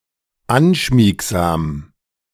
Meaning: 1. slinky, soft and smooth 2. cuddly, affectionate
- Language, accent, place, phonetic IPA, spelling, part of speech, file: German, Germany, Berlin, [ˈanʃmiːkzaːm], anschmiegsam, adjective, De-anschmiegsam.ogg